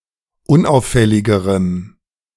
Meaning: strong dative masculine/neuter singular comparative degree of unauffällig
- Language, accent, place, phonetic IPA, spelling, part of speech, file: German, Germany, Berlin, [ˈʊnˌʔaʊ̯fɛlɪɡəʁəm], unauffälligerem, adjective, De-unauffälligerem.ogg